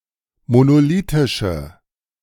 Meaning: inflection of monolithisch: 1. strong/mixed nominative/accusative feminine singular 2. strong nominative/accusative plural 3. weak nominative all-gender singular
- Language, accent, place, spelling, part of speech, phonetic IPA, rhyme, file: German, Germany, Berlin, monolithische, adjective, [monoˈliːtɪʃə], -iːtɪʃə, De-monolithische.ogg